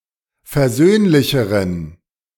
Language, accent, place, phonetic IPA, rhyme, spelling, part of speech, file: German, Germany, Berlin, [fɛɐ̯ˈzøːnlɪçəʁən], -øːnlɪçəʁən, versöhnlicheren, adjective, De-versöhnlicheren.ogg
- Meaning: inflection of versöhnlich: 1. strong genitive masculine/neuter singular comparative degree 2. weak/mixed genitive/dative all-gender singular comparative degree